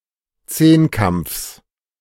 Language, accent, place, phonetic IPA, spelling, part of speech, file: German, Germany, Berlin, [ˈt͡seːnˌkamp͡fs], Zehnkampfs, noun, De-Zehnkampfs.ogg
- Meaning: genitive singular of Zehnkampf